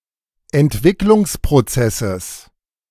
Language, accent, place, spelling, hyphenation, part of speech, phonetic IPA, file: German, Germany, Berlin, Entwicklungsprozesses, Ent‧wick‧lungs‧pro‧zes‧ses, noun, [ɛntˈvɪklʊŋspʁoˌt͡sɛsəs], De-Entwicklungsprozesses.ogg
- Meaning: genitive singular of Entwicklungsprozess